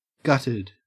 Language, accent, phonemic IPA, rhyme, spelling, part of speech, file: English, Australia, /ˈɡʌtɪd/, -ʌtɪd, gutted, adjective / verb, En-au-gutted.ogg
- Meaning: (adjective) 1. Eviscerated 2. With the most important parts destroyed (often by fire), removed or rendered useless 3. Having a gut or guts